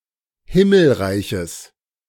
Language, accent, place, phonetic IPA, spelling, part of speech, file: German, Germany, Berlin, [ˈhɪml̩ˌʁaɪ̯çəs], Himmelreiches, noun, De-Himmelreiches.ogg
- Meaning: genitive singular of Himmelreich